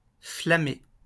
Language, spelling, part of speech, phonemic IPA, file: French, flamer, verb, /fla.me/, LL-Q150 (fra)-flamer.wav
- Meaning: to flame (post disruptive messages)